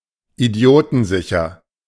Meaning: foolproof
- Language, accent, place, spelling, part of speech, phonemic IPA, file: German, Germany, Berlin, idiotensicher, adjective, /iˈdi̯oːtn̩ˌzɪçɐ/, De-idiotensicher.ogg